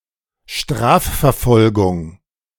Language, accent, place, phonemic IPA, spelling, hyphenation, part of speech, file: German, Germany, Berlin, /ˈʃtʁaːffɛɐ̯ˌfɔlɡʊŋ/, Strafverfolgung, Straf‧ver‧fol‧gung, noun, De-Strafverfolgung.ogg
- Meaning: criminal prosecution